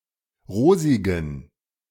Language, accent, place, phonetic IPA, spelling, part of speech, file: German, Germany, Berlin, [ˈʁoːzɪɡn̩], rosigen, adjective, De-rosigen.ogg
- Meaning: inflection of rosig: 1. strong genitive masculine/neuter singular 2. weak/mixed genitive/dative all-gender singular 3. strong/weak/mixed accusative masculine singular 4. strong dative plural